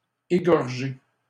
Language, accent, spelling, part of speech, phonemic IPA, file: French, Canada, égorgé, verb, /e.ɡɔʁ.ʒe/, LL-Q150 (fra)-égorgé.wav
- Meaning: past participle of égorger